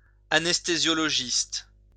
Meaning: anesthesiologist
- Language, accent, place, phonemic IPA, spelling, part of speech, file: French, France, Lyon, /a.nɛs.te.zjɔ.lɔ.ʒist/, anesthésiologiste, noun, LL-Q150 (fra)-anesthésiologiste.wav